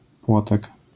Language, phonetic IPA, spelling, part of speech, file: Polish, [ˈpwɔtɛk], płotek, noun, LL-Q809 (pol)-płotek.wav